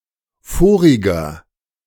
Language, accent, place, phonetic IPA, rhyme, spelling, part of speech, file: German, Germany, Berlin, [ˈfoːʁɪɡɐ], -oːʁɪɡɐ, voriger, adjective, De-voriger.ogg
- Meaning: inflection of vorig: 1. strong/mixed nominative masculine singular 2. strong genitive/dative feminine singular 3. strong genitive plural